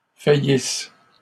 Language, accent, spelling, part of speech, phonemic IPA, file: French, Canada, faillisses, verb, /fa.jis/, LL-Q150 (fra)-faillisses.wav
- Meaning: second-person singular present/imperfect subjunctive of faillir